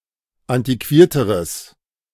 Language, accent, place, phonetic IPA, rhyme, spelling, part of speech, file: German, Germany, Berlin, [ˌantiˈkviːɐ̯təʁəs], -iːɐ̯təʁəs, antiquierteres, adjective, De-antiquierteres.ogg
- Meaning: strong/mixed nominative/accusative neuter singular comparative degree of antiquiert